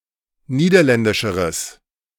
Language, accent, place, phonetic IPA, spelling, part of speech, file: German, Germany, Berlin, [ˈniːdɐˌlɛndɪʃəʁəs], niederländischeres, adjective, De-niederländischeres.ogg
- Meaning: strong/mixed nominative/accusative neuter singular comparative degree of niederländisch